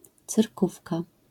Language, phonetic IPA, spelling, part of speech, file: Polish, [t͡sɨrˈkufka], cyrkówka, noun, LL-Q809 (pol)-cyrkówka.wav